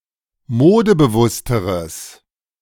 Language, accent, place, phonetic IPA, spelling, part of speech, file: German, Germany, Berlin, [ˈmoːdəbəˌvʊstəʁəs], modebewussteres, adjective, De-modebewussteres.ogg
- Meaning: strong/mixed nominative/accusative neuter singular comparative degree of modebewusst